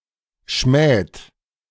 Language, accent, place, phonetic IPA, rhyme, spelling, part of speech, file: German, Germany, Berlin, [ʃmɛːt], -ɛːt, schmäht, verb, De-schmäht.ogg
- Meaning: inflection of schmähen: 1. second-person plural present 2. third-person singular present 3. plural imperative